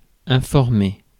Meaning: 1. to inform; to enlighten; to impart knowledge (upon) 2. to inquire; to ask; to get information
- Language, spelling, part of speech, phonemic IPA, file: French, informer, verb, /ɛ̃.fɔʁ.me/, Fr-informer.ogg